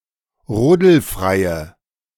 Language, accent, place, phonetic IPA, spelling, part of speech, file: German, Germany, Berlin, [ˈʁoːdl̩ˌfʁaɪ̯ə], rodelfreie, adjective, De-rodelfreie.ogg
- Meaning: inflection of rodelfrei: 1. strong/mixed nominative/accusative feminine singular 2. strong nominative/accusative plural 3. weak nominative all-gender singular